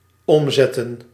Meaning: 1. to turn, to flip 2. to convert 3. to cast (change the type of a variable)
- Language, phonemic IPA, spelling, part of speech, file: Dutch, /ˈɔm.zɛ.tə(n)/, omzetten, verb / noun, Nl-omzetten.ogg